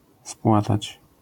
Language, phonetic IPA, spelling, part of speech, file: Polish, [ˈspwatat͡ɕ], spłatać, verb, LL-Q809 (pol)-spłatać.wav